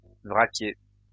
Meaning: bulk carrier
- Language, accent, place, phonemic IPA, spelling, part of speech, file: French, France, Lyon, /vʁa.kje/, vraquier, noun, LL-Q150 (fra)-vraquier.wav